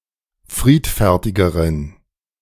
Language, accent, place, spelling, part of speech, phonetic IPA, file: German, Germany, Berlin, friedfertigeren, adjective, [ˈfʁiːtfɛʁtɪɡəʁən], De-friedfertigeren.ogg
- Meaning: inflection of friedfertig: 1. strong genitive masculine/neuter singular comparative degree 2. weak/mixed genitive/dative all-gender singular comparative degree